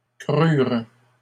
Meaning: third-person plural past historic of croître
- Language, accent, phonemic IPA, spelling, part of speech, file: French, Canada, /kʁyʁ/, crûrent, verb, LL-Q150 (fra)-crûrent.wav